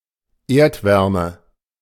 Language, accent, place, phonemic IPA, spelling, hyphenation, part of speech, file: German, Germany, Berlin, /ˈeːɐ̯tˌvɛʁmə/, Erdwärme, Erd‧wär‧me, noun, De-Erdwärme.ogg
- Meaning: geothermal heat